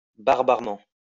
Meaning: barbarically
- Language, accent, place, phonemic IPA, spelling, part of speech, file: French, France, Lyon, /baʁ.baʁ.mɑ̃/, barbarement, adverb, LL-Q150 (fra)-barbarement.wav